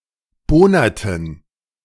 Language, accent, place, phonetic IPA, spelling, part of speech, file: German, Germany, Berlin, [ˈboːnɐtn̩], bohnerten, verb, De-bohnerten.ogg
- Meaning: inflection of bohnern: 1. first/third-person plural preterite 2. first/third-person plural subjunctive II